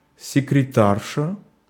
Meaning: 1. female equivalent of секрета́рь (sekretárʹ): female secretary 2. the wife of a secretary
- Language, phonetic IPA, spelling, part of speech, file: Russian, [sʲɪkrʲɪˈtarʂə], секретарша, noun, Ru-секретарша.ogg